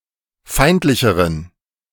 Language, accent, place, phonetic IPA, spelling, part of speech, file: German, Germany, Berlin, [ˈfaɪ̯ntlɪçəʁən], feindlicheren, adjective, De-feindlicheren.ogg
- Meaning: inflection of feindlich: 1. strong genitive masculine/neuter singular comparative degree 2. weak/mixed genitive/dative all-gender singular comparative degree